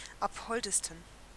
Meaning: 1. superlative degree of abhold 2. inflection of abhold: strong genitive masculine/neuter singular superlative degree
- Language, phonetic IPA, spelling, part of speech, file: German, [ˈaphɔldəstn̩], abholdesten, adjective, De-abholdesten.ogg